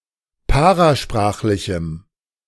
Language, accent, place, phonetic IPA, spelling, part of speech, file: German, Germany, Berlin, [ˈpaʁaˌʃpʁaːxlɪçm̩], parasprachlichem, adjective, De-parasprachlichem.ogg
- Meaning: strong dative masculine/neuter singular of parasprachlich